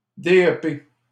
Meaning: gay; faggot
- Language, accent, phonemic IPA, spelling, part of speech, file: French, Canada, /dɛp/, dep, noun, LL-Q150 (fra)-dep.wav